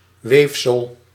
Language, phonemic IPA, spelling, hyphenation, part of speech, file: Dutch, /ˈʋeːf.səl/, weefsel, weef‧sel, noun, Nl-weefsel.ogg
- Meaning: 1. tissue (e.g. living tissue) 2. fabric (e.g. woven fabric)